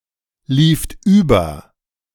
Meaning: second-person plural preterite of überlaufen
- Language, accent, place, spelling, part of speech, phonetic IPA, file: German, Germany, Berlin, lieft über, verb, [ˌliːft ˈyːbɐ], De-lieft über.ogg